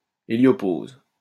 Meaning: heliopause
- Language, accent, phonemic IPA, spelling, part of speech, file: French, France, /e.ljɔ.poz/, héliopause, noun, LL-Q150 (fra)-héliopause.wav